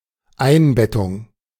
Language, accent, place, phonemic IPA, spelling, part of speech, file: German, Germany, Berlin, /ˈaɪ̯nˌbɛtʊŋ/, Einbettung, noun, De-Einbettung.ogg
- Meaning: embedding